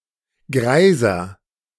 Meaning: inflection of greis: 1. strong/mixed nominative masculine singular 2. strong genitive/dative feminine singular 3. strong genitive plural
- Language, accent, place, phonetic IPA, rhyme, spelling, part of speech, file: German, Germany, Berlin, [ˈɡʁaɪ̯zɐ], -aɪ̯zɐ, greiser, adjective, De-greiser.ogg